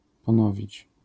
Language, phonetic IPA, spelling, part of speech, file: Polish, [pɔ̃ˈnɔvʲit͡ɕ], ponowić, verb, LL-Q809 (pol)-ponowić.wav